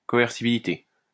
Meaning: coercibility
- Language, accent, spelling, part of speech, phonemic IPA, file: French, France, coercibilité, noun, /kɔ.ɛʁ.si.bi.li.te/, LL-Q150 (fra)-coercibilité.wav